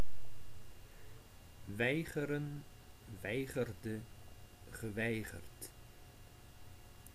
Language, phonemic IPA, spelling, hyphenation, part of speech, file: Dutch, /ˈʋɛi̯.ɣə.rə(n)/, weigeren, wei‧ge‧ren, verb, Nl-weigeren.ogg
- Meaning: to refuse, to deny (not to allow)